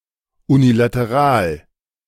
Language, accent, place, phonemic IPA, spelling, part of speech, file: German, Germany, Berlin, /ˌunilatəˈʁaːl/, unilateral, adjective, De-unilateral.ogg
- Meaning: unilateral